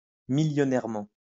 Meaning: Very richly; ostentatiously
- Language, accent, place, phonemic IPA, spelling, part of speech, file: French, France, Lyon, /mij.jɔ.nɛʁ.mɑ̃/, millionnairement, adverb, LL-Q150 (fra)-millionnairement.wav